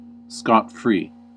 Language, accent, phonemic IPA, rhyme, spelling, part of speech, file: English, US, /ˌskɑtˈfɹi/, -iː, scot-free, adverb / adjective, En-us-scot-free.ogg
- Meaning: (adverb) Without consequences or penalties, free without payment; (adjective) Free of scot, free of tax